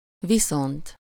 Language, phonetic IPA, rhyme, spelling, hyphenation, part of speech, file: Hungarian, [ˈvisont], -ont, viszont, vi‧szont, adverb / conjunction, Hu-viszont.ogg
- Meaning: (adverb) 1. same to you, likewise 2. vice versa, in the other direction, the other way round 3. again; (conjunction) however, but, still, on the other hand